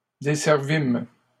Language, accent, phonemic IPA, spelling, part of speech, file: French, Canada, /de.sɛʁ.vim/, desservîmes, verb, LL-Q150 (fra)-desservîmes.wav
- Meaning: first-person plural past historic of desservir